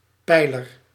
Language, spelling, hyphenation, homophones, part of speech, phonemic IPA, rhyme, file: Dutch, peiler, pei‧ler, pijler, noun, /ˈpɛi̯.lər/, -ɛi̯lər, Nl-peiler.ogg
- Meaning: pollster